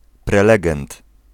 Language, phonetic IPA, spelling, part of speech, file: Polish, [prɛˈlɛɡɛ̃nt], prelegent, noun, Pl-prelegent.ogg